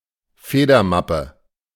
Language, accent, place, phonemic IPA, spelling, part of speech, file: German, Germany, Berlin, /ˈfeːdɐˌmapə/, Federmappe, noun, De-Federmappe.ogg
- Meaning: pencil case